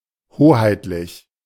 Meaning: specific to the public authority
- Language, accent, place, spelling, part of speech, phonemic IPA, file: German, Germany, Berlin, hoheitlich, adjective, /ˈhoːhaɪ̯tlɪç/, De-hoheitlich.ogg